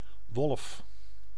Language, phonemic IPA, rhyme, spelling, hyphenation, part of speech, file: Dutch, /ʋɔlf/, -ɔlf, wolf, wolf, noun, Nl-wolf.ogg
- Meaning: 1. wolf (Canis lupus; the largest wild member of the canine subfamily) 2. one of many other canids of the family Canidae, especially of the genus Canis